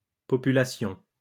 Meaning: plural of population
- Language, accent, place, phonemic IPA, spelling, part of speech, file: French, France, Lyon, /pɔ.py.la.sjɔ̃/, populations, noun, LL-Q150 (fra)-populations.wav